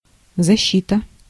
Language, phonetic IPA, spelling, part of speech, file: Russian, [zɐˈɕːitə], защита, noun, Ru-защита.ogg
- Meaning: 1. defense, protection, advocacy 2. aegis, shield, armour, shelter, cover 3. protection 4. defense, guard